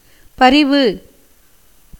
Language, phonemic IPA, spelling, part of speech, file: Tamil, /pɐɾɪʋɯ/, பரிவு, noun, Ta-பரிவு.ogg
- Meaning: 1. sympathy 2. affection, love 3. devotion, piety 4. distress, affliction 5. fault, defect 6. delight, pleasure 7. ripeness